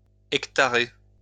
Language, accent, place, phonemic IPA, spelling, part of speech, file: French, France, Lyon, /ɛk.ta.ʁe/, hectarer, verb, LL-Q150 (fra)-hectarer.wav
- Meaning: to measure an area in hectares